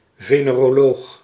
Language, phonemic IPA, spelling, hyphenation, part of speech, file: Dutch, /ˌveː.neː.roːˈloːx/, veneroloog, ve‧ne‧ro‧loog, noun, Nl-veneroloog.ogg
- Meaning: venereologist (specialist in venereal disease)